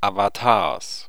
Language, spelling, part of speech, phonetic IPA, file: German, Avatars, noun, [avataːɐ̯s], De-Avatars.ogg
- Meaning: genitive singular of Avatar